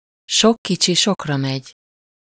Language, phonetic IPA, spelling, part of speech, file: Hungarian, [ˈʃokːit͡ʃi ˈʃokrɒmɛɟ], sok kicsi sokra megy, phrase, Hu-sok kicsi sokra megy.ogg